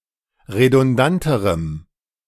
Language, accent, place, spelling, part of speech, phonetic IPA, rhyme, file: German, Germany, Berlin, redundanterem, adjective, [ʁedʊnˈdantəʁəm], -antəʁəm, De-redundanterem.ogg
- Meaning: strong dative masculine/neuter singular comparative degree of redundant